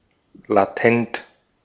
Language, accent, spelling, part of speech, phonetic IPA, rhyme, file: German, Austria, latent, adjective, [laˈtɛnt], -ɛnt, De-at-latent.ogg
- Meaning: latent